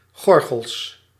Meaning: plural of gorgel
- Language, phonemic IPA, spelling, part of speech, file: Dutch, /ˈɣɔrɣəls/, gorgels, noun, Nl-gorgels.ogg